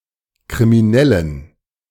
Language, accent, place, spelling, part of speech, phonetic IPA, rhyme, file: German, Germany, Berlin, kriminellen, adjective, [kʁimiˈnɛlən], -ɛlən, De-kriminellen.ogg
- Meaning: inflection of kriminell: 1. strong genitive masculine/neuter singular 2. weak/mixed genitive/dative all-gender singular 3. strong/weak/mixed accusative masculine singular 4. strong dative plural